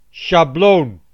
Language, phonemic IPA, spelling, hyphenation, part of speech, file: Dutch, /ʃɑˈbloːn/, sjabloon, sja‧bloon, noun, Nl-sjabloon.ogg
- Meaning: template